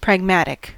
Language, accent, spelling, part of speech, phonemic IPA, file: English, US, pragmatic, adjective / noun, /pɹæɡˈmætɪk/, En-us-pragmatic.ogg
- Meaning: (adjective) Practical, concerned with making decisions and actions that are useful in practice, not just theory